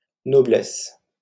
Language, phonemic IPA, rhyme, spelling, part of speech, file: French, /nɔ.blɛs/, -ɛs, noblesse, noun, LL-Q150 (fra)-noblesse.wav
- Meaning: nobility